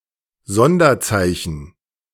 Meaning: special character
- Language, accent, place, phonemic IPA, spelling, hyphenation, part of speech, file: German, Germany, Berlin, /ˈzɔndɐˌt͡saɪ̯çn̩/, Sonderzeichen, Son‧der‧zei‧chen, noun, De-Sonderzeichen.ogg